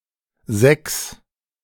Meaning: 1. six 2. A failing grade in a class or course at school. The grades range from 1 (best) to 6 (worst)
- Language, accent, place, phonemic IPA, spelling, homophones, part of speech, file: German, Germany, Berlin, /zɛks/, Sechs, Sex, noun, De-Sechs.ogg